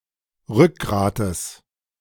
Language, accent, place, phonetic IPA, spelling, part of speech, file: German, Germany, Berlin, [ˈʁʏkˌɡʁaːtəs], Rückgrates, noun, De-Rückgrates.ogg
- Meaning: genitive singular of Rückgrat